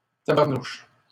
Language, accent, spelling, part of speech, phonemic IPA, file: French, Canada, tabarnouche, interjection / noun, /ta.baʁ.nuʃ/, LL-Q150 (fra)-tabarnouche.wav
- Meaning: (interjection) euphemistic form of tabarnak; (noun) Someone or something annoying or angering